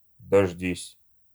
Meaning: second-person singular imperative perfective of дожда́ться (doždátʹsja)
- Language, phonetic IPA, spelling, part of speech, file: Russian, [dɐʐˈdʲisʲ], дождись, verb, Ru-дождись.ogg